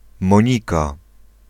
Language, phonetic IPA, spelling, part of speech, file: Polish, [mɔ̃ˈɲika], Monika, proper noun, Pl-Monika.ogg